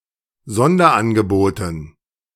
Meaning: dative plural of Sonderangebot
- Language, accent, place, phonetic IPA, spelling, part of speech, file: German, Germany, Berlin, [ˈzɔndɐʔanɡəˌboːtn̩], Sonderangeboten, noun, De-Sonderangeboten.ogg